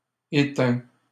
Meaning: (verb) 1. third-person singular present indicative of éteindre 2. past participle of éteindre; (adjective) 1. extinct 2. dead, lifeless
- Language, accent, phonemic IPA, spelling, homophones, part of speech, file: French, Canada, /e.tɛ̃/, éteint, étaim / étaims / étain / étains / éteints, verb / adjective, LL-Q150 (fra)-éteint.wav